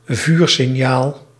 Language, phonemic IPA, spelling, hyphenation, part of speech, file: Dutch, /ˈvyːr.sɪnˌjaːl/, vuursignaal, vuur‧sig‧naal, noun, Nl-vuursignaal.ogg
- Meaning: a fire signal, especially as a signalling light for communication